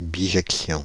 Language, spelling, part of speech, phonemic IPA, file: French, bijection, noun, /bi.ʒɛk.sjɔ̃/, Fr-bijection.ogg
- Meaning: bijection